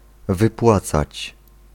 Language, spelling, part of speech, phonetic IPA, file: Polish, wypłacać, verb, [vɨˈpwat͡sat͡ɕ], Pl-wypłacać.ogg